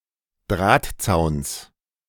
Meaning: genitive singular of Drahtzaun
- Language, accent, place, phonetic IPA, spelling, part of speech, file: German, Germany, Berlin, [ˈdʁaːtˌt͡saʊ̯ns], Drahtzauns, noun, De-Drahtzauns.ogg